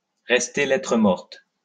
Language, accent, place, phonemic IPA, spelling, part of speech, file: French, France, Lyon, /ʁɛs.te lɛ.tʁə mɔʁt/, rester lettre morte, verb, LL-Q150 (fra)-rester lettre morte.wav
- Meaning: to be ignored, not to be taken into account, to go unheeded, to have no effect